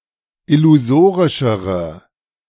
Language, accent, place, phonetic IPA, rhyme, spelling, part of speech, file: German, Germany, Berlin, [ɪluˈzoːʁɪʃəʁə], -oːʁɪʃəʁə, illusorischere, adjective, De-illusorischere.ogg
- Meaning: inflection of illusorisch: 1. strong/mixed nominative/accusative feminine singular comparative degree 2. strong nominative/accusative plural comparative degree